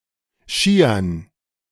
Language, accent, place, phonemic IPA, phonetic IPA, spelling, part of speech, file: German, Germany, Berlin, /ˈʃiːərn/, [ˈʃiː.ɐn], Skiern, noun, De-Skiern.ogg
- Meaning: dative plural of Ski